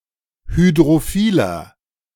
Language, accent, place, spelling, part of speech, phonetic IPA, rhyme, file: German, Germany, Berlin, hydrophiler, adjective, [hydʁoˈfiːlɐ], -iːlɐ, De-hydrophiler.ogg
- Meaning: 1. comparative degree of hydrophil 2. inflection of hydrophil: strong/mixed nominative masculine singular 3. inflection of hydrophil: strong genitive/dative feminine singular